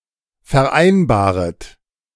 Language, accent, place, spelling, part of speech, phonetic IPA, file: German, Germany, Berlin, vereinbaret, verb, [fɛɐ̯ˈʔaɪ̯nbaːʁət], De-vereinbaret.ogg
- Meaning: second-person plural subjunctive I of vereinbaren